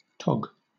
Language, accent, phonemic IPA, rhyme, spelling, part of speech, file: English, Southern England, /tɒɡ/, -ɒɡ, tog, noun / verb, LL-Q1860 (eng)-tog.wav
- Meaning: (noun) 1. A cloak 2. A coat 3. swimwear